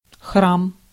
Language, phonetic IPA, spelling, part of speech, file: Russian, [xram], храм, noun, Ru-храм.ogg
- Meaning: 1. temple, shrine 2. church, cathedral (a place of Christian worship that has an altar) 3. shrine